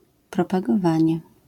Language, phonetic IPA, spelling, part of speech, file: Polish, [ˌprɔpaɡɔˈvãɲɛ], propagowanie, noun, LL-Q809 (pol)-propagowanie.wav